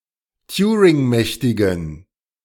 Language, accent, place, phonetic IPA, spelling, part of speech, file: German, Germany, Berlin, [ˈtjuːʁɪŋˌmɛçtɪɡn̩], turingmächtigen, adjective, De-turingmächtigen.ogg
- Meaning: inflection of turingmächtig: 1. strong genitive masculine/neuter singular 2. weak/mixed genitive/dative all-gender singular 3. strong/weak/mixed accusative masculine singular 4. strong dative plural